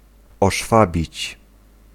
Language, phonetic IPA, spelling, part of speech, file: Polish, [ɔʃˈfabʲit͡ɕ], oszwabić, verb, Pl-oszwabić.ogg